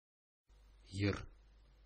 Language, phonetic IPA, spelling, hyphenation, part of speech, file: Bashkir, [jɯ̞r], йыр, йыр, noun, Ba-йыр.oga
- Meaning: song